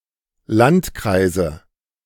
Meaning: nominative/accusative/genitive plural of Landkreis
- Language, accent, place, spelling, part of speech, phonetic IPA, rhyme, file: German, Germany, Berlin, Landkreise, noun, [ˈlantˌkʁaɪ̯zə], -antkʁaɪ̯zə, De-Landkreise.ogg